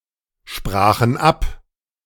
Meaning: first/third-person plural preterite of absprechen
- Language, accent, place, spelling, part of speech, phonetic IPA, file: German, Germany, Berlin, sprachen ab, verb, [ˌʃpʁaːxn̩ ˈap], De-sprachen ab.ogg